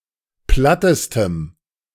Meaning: strong dative masculine/neuter singular superlative degree of platt
- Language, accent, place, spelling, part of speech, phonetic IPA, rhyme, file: German, Germany, Berlin, plattestem, adjective, [ˈplatəstəm], -atəstəm, De-plattestem.ogg